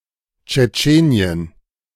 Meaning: Chechnya (a republic and federal subject of Russia, in the northern Caucasus)
- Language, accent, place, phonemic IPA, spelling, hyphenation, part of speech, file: German, Germany, Berlin, /tʃɛˈtʃeːniˌən/, Tschetschenien, Tsche‧tsche‧ni‧en, proper noun, De-Tschetschenien.ogg